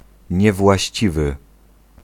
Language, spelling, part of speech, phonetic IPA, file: Polish, niewłaściwy, adjective, [ˌɲɛvwaɕˈt͡ɕivɨ], Pl-niewłaściwy.ogg